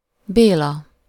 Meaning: a male given name
- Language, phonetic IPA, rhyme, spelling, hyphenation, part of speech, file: Hungarian, [ˈbeːlɒ], -lɒ, Béla, Bé‧la, proper noun, Hu-Béla.ogg